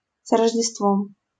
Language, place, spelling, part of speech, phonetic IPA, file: Russian, Saint Petersburg, с Рождеством, phrase, [s‿rəʐdʲɪstˈvom], LL-Q7737 (rus)-с Рождеством.wav
- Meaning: Merry Christmas